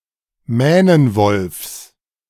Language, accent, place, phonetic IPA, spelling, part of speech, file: German, Germany, Berlin, [ˈmɛːnənvɔlfs], Mähnenwolfs, noun, De-Mähnenwolfs.ogg
- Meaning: genitive singular of Mähnenwolf